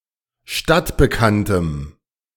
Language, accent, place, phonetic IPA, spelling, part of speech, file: German, Germany, Berlin, [ˈʃtatbəˌkantəm], stadtbekanntem, adjective, De-stadtbekanntem.ogg
- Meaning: strong dative masculine/neuter singular of stadtbekannt